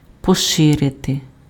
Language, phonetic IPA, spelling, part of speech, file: Ukrainian, [pɔˈʃɪrete], поширити, verb, Uk-поширити.ogg
- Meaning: 1. to widen, to broaden, to expand 2. to extend (:influence) 3. to spread, to disseminate